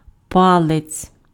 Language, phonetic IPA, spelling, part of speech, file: Ukrainian, [ˈpaɫet͡sʲ], палець, noun, Uk-палець.ogg
- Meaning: 1. finger (digit of the hand, including the thumb) 2. toe (digit of the foot) 3. part of a glove covering a finger